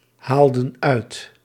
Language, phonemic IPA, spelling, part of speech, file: Dutch, /ˈhaldə(n) ˈœyt/, haalden uit, verb, Nl-haalden uit.ogg
- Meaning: inflection of uithalen: 1. plural past indicative 2. plural past subjunctive